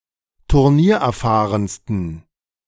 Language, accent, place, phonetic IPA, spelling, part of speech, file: German, Germany, Berlin, [tʊʁˈniːɐ̯ʔɛɐ̯ˌfaːʁənstn̩], turniererfahrensten, adjective, De-turniererfahrensten.ogg
- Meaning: 1. superlative degree of turniererfahren 2. inflection of turniererfahren: strong genitive masculine/neuter singular superlative degree